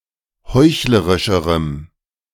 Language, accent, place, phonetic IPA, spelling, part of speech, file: German, Germany, Berlin, [ˈhɔɪ̯çləʁɪʃəʁəm], heuchlerischerem, adjective, De-heuchlerischerem.ogg
- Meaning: strong dative masculine/neuter singular comparative degree of heuchlerisch